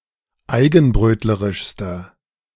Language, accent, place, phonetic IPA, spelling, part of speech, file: German, Germany, Berlin, [ˈaɪ̯ɡn̩ˌbʁøːtləʁɪʃstɐ], eigenbrötlerischster, adjective, De-eigenbrötlerischster.ogg
- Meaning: inflection of eigenbrötlerisch: 1. strong/mixed nominative masculine singular superlative degree 2. strong genitive/dative feminine singular superlative degree